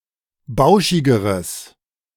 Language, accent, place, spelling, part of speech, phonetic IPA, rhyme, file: German, Germany, Berlin, bauschigeres, adjective, [ˈbaʊ̯ʃɪɡəʁəs], -aʊ̯ʃɪɡəʁəs, De-bauschigeres.ogg
- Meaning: strong/mixed nominative/accusative neuter singular comparative degree of bauschig